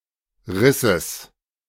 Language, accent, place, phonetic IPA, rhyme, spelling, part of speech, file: German, Germany, Berlin, [ˈʁɪsəs], -ɪsəs, Risses, noun, De-Risses.ogg
- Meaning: genitive singular of Riß